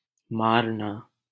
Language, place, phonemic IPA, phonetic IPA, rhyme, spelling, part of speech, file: Hindi, Delhi, /mɑːɾ.nɑː/, [mäːɾ.näː], -ɑːɾnɑː, मारना, verb, LL-Q1568 (hin)-मारना.wav
- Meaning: 1. to beat, hit, strike, knock 2. to hammer 3. to kill, murder 4. to hit, serve, strike 5. to destroy